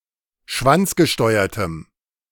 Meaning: strong dative masculine/neuter singular of schwanzgesteuert
- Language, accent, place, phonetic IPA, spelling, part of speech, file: German, Germany, Berlin, [ˈʃvant͡sɡəˌʃtɔɪ̯ɐtəm], schwanzgesteuertem, adjective, De-schwanzgesteuertem.ogg